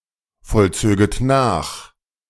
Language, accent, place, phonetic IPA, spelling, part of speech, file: German, Germany, Berlin, [fɔlˌt͡søːɡət ˈnaːx], vollzöget nach, verb, De-vollzöget nach.ogg
- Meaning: second-person plural subjunctive II of nachvollziehen